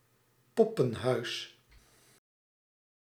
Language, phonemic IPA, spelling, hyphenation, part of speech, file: Dutch, /ˈpɔ.pə(n)ˌɦœy̯s/, poppenhuis, pop‧pen‧huis, noun, Nl-poppenhuis.ogg
- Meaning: dollhouse